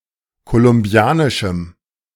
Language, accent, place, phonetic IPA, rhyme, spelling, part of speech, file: German, Germany, Berlin, [kolʊmˈbi̯aːnɪʃm̩], -aːnɪʃm̩, kolumbianischem, adjective, De-kolumbianischem.ogg
- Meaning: strong dative masculine/neuter singular of kolumbianisch